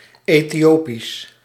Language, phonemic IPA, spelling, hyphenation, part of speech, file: Dutch, /ˌeː.tiˈoː.pis/, Ethiopisch, Ethi‧o‧pisch, adjective / proper noun, Nl-Ethiopisch.ogg
- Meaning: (adjective) Ethiopian; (proper noun) Ethiopic, Ge'ez